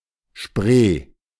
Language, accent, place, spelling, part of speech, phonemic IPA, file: German, Germany, Berlin, Spree, proper noun, /ʃpʁeː/, De-Spree.ogg
- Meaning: Spree (a river in eastern Germany)